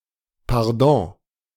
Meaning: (noun) 1. quarter (decision not to kill a captured enemy) 2. pardon (exemption from punishment) 3. pardon, clemency, leniency; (interjection) excuse me, sorry, pardon
- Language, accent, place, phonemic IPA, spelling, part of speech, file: German, Germany, Berlin, /parˈdɔ̃/, Pardon, noun / interjection, De-Pardon.ogg